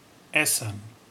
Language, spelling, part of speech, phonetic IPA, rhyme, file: German, Essen, noun / proper noun, [ˈɛsn̩], -ɛsn̩, De-Essen.ogg